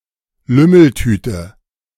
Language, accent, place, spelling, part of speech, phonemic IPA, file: German, Germany, Berlin, Lümmeltüte, noun, /ˈlʏml̩ˌtyːtə/, De-Lümmeltüte.ogg
- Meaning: condom